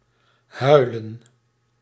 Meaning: 1. to cry, to weep 2. to howl, like a (were)wolf or wind
- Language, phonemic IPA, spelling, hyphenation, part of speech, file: Dutch, /ˈɦœy̯lə(n)/, huilen, hui‧len, verb, Nl-huilen.ogg